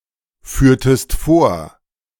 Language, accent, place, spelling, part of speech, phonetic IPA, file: German, Germany, Berlin, führtest vor, verb, [ˌfyːɐ̯təst ˈfoːɐ̯], De-führtest vor.ogg
- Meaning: inflection of vorführen: 1. second-person singular preterite 2. second-person singular subjunctive II